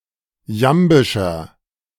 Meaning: inflection of jambisch: 1. strong/mixed nominative masculine singular 2. strong genitive/dative feminine singular 3. strong genitive plural
- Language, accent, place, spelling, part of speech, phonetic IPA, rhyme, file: German, Germany, Berlin, jambischer, adjective, [ˈjambɪʃɐ], -ambɪʃɐ, De-jambischer.ogg